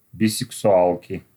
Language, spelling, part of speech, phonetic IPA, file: Russian, бисексуалки, noun, [bʲɪsʲɪksʊˈaɫkʲɪ], Ru-бисексуалки.ogg
- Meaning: inflection of бисексуа́лка (bisɛksuálka): 1. genitive singular 2. nominative plural